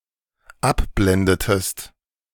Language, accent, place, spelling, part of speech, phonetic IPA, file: German, Germany, Berlin, abblendetest, verb, [ˈapˌblɛndətəst], De-abblendetest.ogg
- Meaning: inflection of abblenden: 1. second-person singular dependent preterite 2. second-person singular dependent subjunctive II